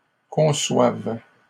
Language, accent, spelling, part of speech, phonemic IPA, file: French, Canada, conçoive, verb, /kɔ̃.swav/, LL-Q150 (fra)-conçoive.wav
- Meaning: first/third-person singular present subjunctive of concevoir